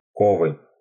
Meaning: intrigues, machinations
- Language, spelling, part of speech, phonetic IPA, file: Russian, ковы, noun, [ˈkovɨ], Ru-ковы.ogg